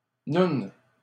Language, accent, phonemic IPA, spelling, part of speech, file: French, Canada, /nun/, noune, noun, LL-Q150 (fra)-noune.wav
- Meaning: pussy, vulva